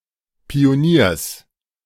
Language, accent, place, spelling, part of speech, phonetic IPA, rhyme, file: German, Germany, Berlin, Pioniers, noun, [pioˈniːɐ̯s], -iːɐ̯s, De-Pioniers.ogg
- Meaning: genitive singular of Pionier